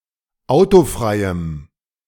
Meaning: strong dative masculine/neuter singular of autofrei
- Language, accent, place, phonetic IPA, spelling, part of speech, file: German, Germany, Berlin, [ˈaʊ̯toˌfʁaɪ̯əm], autofreiem, adjective, De-autofreiem.ogg